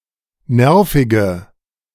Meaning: inflection of nervig: 1. strong/mixed nominative/accusative feminine singular 2. strong nominative/accusative plural 3. weak nominative all-gender singular 4. weak accusative feminine/neuter singular
- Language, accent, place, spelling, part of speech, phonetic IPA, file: German, Germany, Berlin, nervige, adjective, [ˈnɛʁfɪɡə], De-nervige.ogg